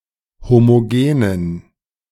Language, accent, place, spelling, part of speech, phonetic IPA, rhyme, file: German, Germany, Berlin, homogenen, adjective, [ˌhomoˈɡeːnən], -eːnən, De-homogenen.ogg
- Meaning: inflection of homogen: 1. strong genitive masculine/neuter singular 2. weak/mixed genitive/dative all-gender singular 3. strong/weak/mixed accusative masculine singular 4. strong dative plural